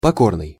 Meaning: submissive (to), obedient (to), resigned
- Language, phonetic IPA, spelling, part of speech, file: Russian, [pɐˈkornɨj], покорный, adjective, Ru-покорный.ogg